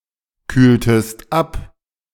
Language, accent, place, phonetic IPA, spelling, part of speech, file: German, Germany, Berlin, [ˌkyːltəst ˈap], kühltest ab, verb, De-kühltest ab.ogg
- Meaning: inflection of abkühlen: 1. second-person singular preterite 2. second-person singular subjunctive II